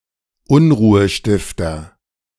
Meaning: troublemaker, agitator
- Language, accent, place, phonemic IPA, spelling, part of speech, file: German, Germany, Berlin, /ˈʊnʁuːəˌʃtɪftɐ/, Unruhestifter, noun, De-Unruhestifter.ogg